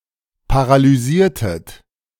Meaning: inflection of paralysieren: 1. second-person plural preterite 2. second-person plural subjunctive II
- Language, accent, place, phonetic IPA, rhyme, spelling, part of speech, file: German, Germany, Berlin, [paʁalyˈziːɐ̯tət], -iːɐ̯tət, paralysiertet, verb, De-paralysiertet.ogg